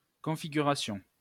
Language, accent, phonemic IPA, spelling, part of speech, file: French, France, /kɔ̃.fi.ɡy.ʁa.sjɔ̃/, configuration, noun, LL-Q150 (fra)-configuration.wav
- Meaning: configuration